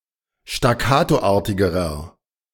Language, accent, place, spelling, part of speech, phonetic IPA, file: German, Germany, Berlin, staccatoartigerer, adjective, [ʃtaˈkaːtoˌʔaːɐ̯tɪɡəʁɐ], De-staccatoartigerer.ogg
- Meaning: inflection of staccatoartig: 1. strong/mixed nominative masculine singular comparative degree 2. strong genitive/dative feminine singular comparative degree